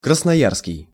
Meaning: Krasnoyarsk (city in Russia)
- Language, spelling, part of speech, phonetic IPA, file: Russian, красноярский, adjective, [krəsnɐˈjarskʲɪj], Ru-красноярский.ogg